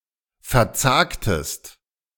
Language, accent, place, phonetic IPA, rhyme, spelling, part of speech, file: German, Germany, Berlin, [fɛɐ̯ˈt͡saːktəst], -aːktəst, verzagtest, verb, De-verzagtest.ogg
- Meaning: inflection of verzagen: 1. second-person singular preterite 2. second-person singular subjunctive II